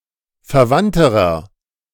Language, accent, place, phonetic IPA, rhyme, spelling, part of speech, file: German, Germany, Berlin, [fɛɐ̯ˈvantəʁɐ], -antəʁɐ, verwandterer, adjective, De-verwandterer.ogg
- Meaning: inflection of verwandt: 1. strong/mixed nominative masculine singular comparative degree 2. strong genitive/dative feminine singular comparative degree 3. strong genitive plural comparative degree